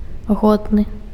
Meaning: worthy
- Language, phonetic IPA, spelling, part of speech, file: Belarusian, [ˈɣodnɨ], годны, adjective, Be-годны.ogg